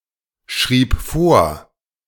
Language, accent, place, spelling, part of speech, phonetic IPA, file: German, Germany, Berlin, schrieb vor, verb, [ˌʃʁiːp ˈfoːɐ̯], De-schrieb vor.ogg
- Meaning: first/third-person singular preterite of vorschreiben